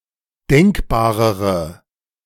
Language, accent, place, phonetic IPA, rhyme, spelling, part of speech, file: German, Germany, Berlin, [ˈdɛŋkbaːʁəʁə], -ɛŋkbaːʁəʁə, denkbarere, adjective, De-denkbarere.ogg
- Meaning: inflection of denkbar: 1. strong/mixed nominative/accusative feminine singular comparative degree 2. strong nominative/accusative plural comparative degree